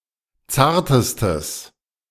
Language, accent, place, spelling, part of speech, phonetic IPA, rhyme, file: German, Germany, Berlin, zartestes, adjective, [ˈt͡saːɐ̯təstəs], -aːɐ̯təstəs, De-zartestes.ogg
- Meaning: strong/mixed nominative/accusative neuter singular superlative degree of zart